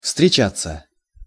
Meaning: 1. to meet, to encounter, to come across 2. to see each other, to meet, to date 3. to be found, to be met with, to occur, to happen 4. passive of встреча́ть (vstrečátʹ)
- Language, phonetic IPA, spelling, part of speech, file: Russian, [fstrʲɪˈt͡ɕat͡sːə], встречаться, verb, Ru-встречаться.ogg